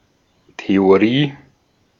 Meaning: theory
- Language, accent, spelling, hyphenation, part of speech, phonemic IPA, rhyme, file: German, Austria, Theorie, The‧o‧rie, noun, /te.oˈʁiː/, -iː, De-at-Theorie.ogg